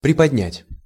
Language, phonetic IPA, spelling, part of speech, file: Russian, [prʲɪpɐdʲˈnʲætʲ], приподнять, verb, Ru-приподнять.ogg
- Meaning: to raise, to lift (a little)